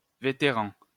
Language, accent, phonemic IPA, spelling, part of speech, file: French, France, /ve.te.ʁɑ̃/, vétéran, noun, LL-Q150 (fra)-vétéran.wav
- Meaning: veteran